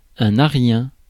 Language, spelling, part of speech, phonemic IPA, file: French, aryen, adjective, /a.ʁjɛ̃/, Fr-aryen.ogg
- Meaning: Aryan